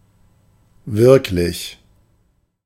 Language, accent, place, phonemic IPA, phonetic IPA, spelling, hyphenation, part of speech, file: German, Germany, Berlin, /ˈvɪʁklɪç/, [ˈvɪɐ̯kʰlɪç], wirklich, wirk‧lich, adjective / adverb, De-wirklich.ogg
- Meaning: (adjective) real; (adverb) really, actually